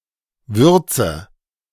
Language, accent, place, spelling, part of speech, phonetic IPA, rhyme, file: German, Germany, Berlin, würze, verb, [ˈvʏʁt͡sə], -ʏʁt͡sə, De-würze.ogg
- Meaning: inflection of würzen: 1. first-person singular present 2. first/third-person singular subjunctive I 3. singular imperative